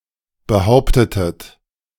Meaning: inflection of behaupten: 1. second-person plural preterite 2. second-person plural subjunctive II
- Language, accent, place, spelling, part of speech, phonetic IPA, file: German, Germany, Berlin, behauptetet, verb, [bəˈhaʊ̯ptətət], De-behauptetet.ogg